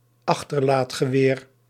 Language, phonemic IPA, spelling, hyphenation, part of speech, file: Dutch, /ˈɑx.tər.laːt.xəˌʋeːr/, achterlaadgeweer, ach‧ter‧laad‧ge‧weer, noun, Nl-achterlaadgeweer.ogg
- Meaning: breech-loading rifle